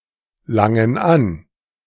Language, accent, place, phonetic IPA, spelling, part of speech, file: German, Germany, Berlin, [ˌlaŋən ˈan], langen an, verb, De-langen an.ogg
- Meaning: inflection of anlangen: 1. first/third-person plural present 2. first/third-person plural subjunctive I